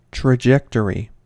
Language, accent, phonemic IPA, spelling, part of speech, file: English, US, /tɹəˈd͡ʒɛktəɹi/, trajectory, noun, En-us-trajectory.ogg
- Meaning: 1. The path an object takes as it moves 2. The path of a body as it travels through space 3. The ordered set of intermediate states assumed by a dynamical system as a result of time evolution